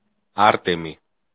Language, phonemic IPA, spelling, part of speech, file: Greek, /ˈaɾ.te.mi/, Άρτεμη, proper noun, El-Άρτεμη.ogg
- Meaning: standard form of the formal of Άρτεμις (Ártemis)